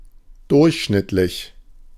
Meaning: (adjective) average, ordinary, mean, medium; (adverb) on average
- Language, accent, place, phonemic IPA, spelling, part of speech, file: German, Germany, Berlin, /ˈdʊɐ̯(ç)ʃnɪtlɪç/, durchschnittlich, adjective / adverb, De-durchschnittlich.ogg